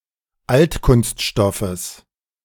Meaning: genitive singular of Altkunststoff
- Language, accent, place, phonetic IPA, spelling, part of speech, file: German, Germany, Berlin, [ˈaltkʊnstˌʃtɔfəs], Altkunststoffes, noun, De-Altkunststoffes.ogg